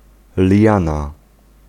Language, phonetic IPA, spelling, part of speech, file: Polish, [ˈlʲjãna], liana, noun, Pl-liana.ogg